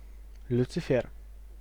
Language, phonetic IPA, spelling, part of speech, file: Russian, [lʲʊt͡sɨˈfʲer], Люцифер, proper noun, Ru-Люцифер.ogg
- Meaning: Lucifer